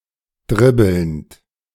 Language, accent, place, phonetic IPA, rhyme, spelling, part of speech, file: German, Germany, Berlin, [ˈdʁɪbl̩nt], -ɪbl̩nt, dribbelnd, verb, De-dribbelnd.ogg
- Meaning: present participle of dribbeln